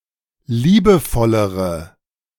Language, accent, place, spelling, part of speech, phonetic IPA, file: German, Germany, Berlin, liebevollere, adjective, [ˈliːbəˌfɔləʁə], De-liebevollere.ogg
- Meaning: inflection of liebevoll: 1. strong/mixed nominative/accusative feminine singular comparative degree 2. strong nominative/accusative plural comparative degree